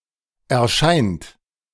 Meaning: inflection of erscheinen: 1. third-person singular present 2. second-person plural present 3. plural imperative
- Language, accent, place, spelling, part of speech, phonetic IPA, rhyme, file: German, Germany, Berlin, erscheint, verb, [ɛɐ̯ˈʃaɪ̯nt], -aɪ̯nt, De-erscheint.ogg